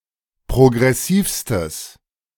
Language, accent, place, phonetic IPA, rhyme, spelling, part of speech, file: German, Germany, Berlin, [pʁoɡʁɛˈsiːfstəs], -iːfstəs, progressivstes, adjective, De-progressivstes.ogg
- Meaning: strong/mixed nominative/accusative neuter singular superlative degree of progressiv